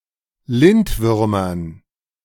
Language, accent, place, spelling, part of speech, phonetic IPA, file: German, Germany, Berlin, Lindwürmern, noun, [ˈlɪntˌvʏʁmɐn], De-Lindwürmern.ogg
- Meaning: dative plural of Lindwurm